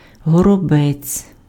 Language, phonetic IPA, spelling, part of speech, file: Ukrainian, [ɦɔrɔˈbɛt͡sʲ], горобець, noun, Uk-горобець.ogg
- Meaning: sparrow